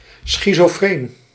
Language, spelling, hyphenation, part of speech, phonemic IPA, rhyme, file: Dutch, schizofreen, schi‧zo‧freen, noun / adjective, /ˌsxitsoːˈfreːn/, -eːn, Nl-schizofreen.ogg
- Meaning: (noun) schizophrenic